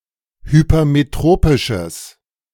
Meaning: strong/mixed nominative/accusative neuter singular of hypermetropisch
- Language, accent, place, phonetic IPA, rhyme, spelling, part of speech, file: German, Germany, Berlin, [hypɐmeˈtʁoːpɪʃəs], -oːpɪʃəs, hypermetropisches, adjective, De-hypermetropisches.ogg